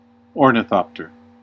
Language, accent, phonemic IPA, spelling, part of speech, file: English, US, /ˈɔɹ.nɪˌθɑp.tɚ/, ornithopter, noun, En-us-ornithopter.ogg
- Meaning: An aircraft that generates lift through the flapping of its wings